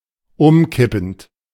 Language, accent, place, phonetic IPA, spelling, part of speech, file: German, Germany, Berlin, [ˈʊmˌkɪpn̩t], umkippend, verb, De-umkippend.ogg
- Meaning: present participle of umkippen